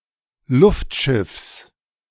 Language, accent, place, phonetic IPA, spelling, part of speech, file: German, Germany, Berlin, [ˈlʊftˌʃɪfs], Luftschiffs, noun, De-Luftschiffs.ogg
- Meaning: genitive singular of Luftschiff